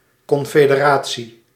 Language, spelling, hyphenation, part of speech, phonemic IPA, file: Dutch, confederatie, con‧fe‧de‧ra‧tie, noun, /ˌkɔn.feː.dəˈraː.(t)si/, Nl-confederatie.ogg
- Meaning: a confederation; a union or alliance of (largely) independent sovereign states or political organizations